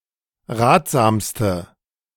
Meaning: inflection of ratsam: 1. strong/mixed nominative/accusative feminine singular superlative degree 2. strong nominative/accusative plural superlative degree
- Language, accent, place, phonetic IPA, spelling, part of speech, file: German, Germany, Berlin, [ˈʁaːtz̥aːmstə], ratsamste, adjective, De-ratsamste.ogg